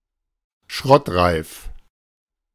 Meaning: ready to be scrapped
- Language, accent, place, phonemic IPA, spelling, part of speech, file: German, Germany, Berlin, /ˈʃʁɔtˌʁaɪ̯f/, schrottreif, adjective, De-schrottreif.ogg